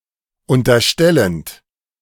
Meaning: present participle of unterstellen
- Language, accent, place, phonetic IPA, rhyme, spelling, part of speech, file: German, Germany, Berlin, [ˌʊntɐˈʃtɛlənt], -ɛlənt, unterstellend, verb, De-unterstellend.ogg